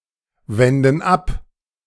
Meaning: inflection of abwenden: 1. first/third-person plural present 2. first/third-person plural subjunctive I
- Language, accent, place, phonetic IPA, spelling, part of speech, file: German, Germany, Berlin, [ˌvɛndn̩ ˈap], wenden ab, verb, De-wenden ab.ogg